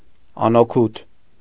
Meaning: useless, futile, ineffective
- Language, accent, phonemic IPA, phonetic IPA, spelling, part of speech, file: Armenian, Eastern Armenian, /ɑnoˈkʰut/, [ɑnokʰút], անօգուտ, adjective, Hy-անօգուտ.ogg